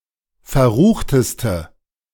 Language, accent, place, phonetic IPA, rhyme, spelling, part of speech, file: German, Germany, Berlin, [fɛɐ̯ˈʁuːxtəstə], -uːxtəstə, verruchteste, adjective, De-verruchteste.ogg
- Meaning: inflection of verrucht: 1. strong/mixed nominative/accusative feminine singular superlative degree 2. strong nominative/accusative plural superlative degree